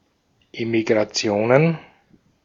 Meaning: plural of Emigration
- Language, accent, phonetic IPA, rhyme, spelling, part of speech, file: German, Austria, [emikʁaˈt͡si̯oːnən], -oːnən, Emigrationen, noun, De-at-Emigrationen.ogg